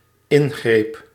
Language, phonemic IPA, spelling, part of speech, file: Dutch, /ˈɪŋɣrep/, ingreep, noun / verb, Nl-ingreep.ogg
- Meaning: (noun) 1. intervention 2. surgery; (verb) singular dependent-clause past indicative of ingrijpen